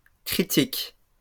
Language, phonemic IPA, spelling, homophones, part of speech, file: French, /kʁi.tik/, critiques, critique, verb, LL-Q150 (fra)-critiques.wav
- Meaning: second-person singular present indicative/subjunctive of critiquer